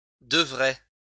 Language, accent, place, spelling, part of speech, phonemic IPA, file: French, France, Lyon, devrait, verb, /də.vʁɛ/, LL-Q150 (fra)-devrait.wav
- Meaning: third-person singular conditional of devoir